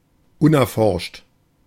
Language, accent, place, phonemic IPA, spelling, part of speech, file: German, Germany, Berlin, /ˈʊnʔɛɐ̯ˌfɔʁʃt/, unerforscht, adjective, De-unerforscht.ogg
- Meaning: unexplored, uncharted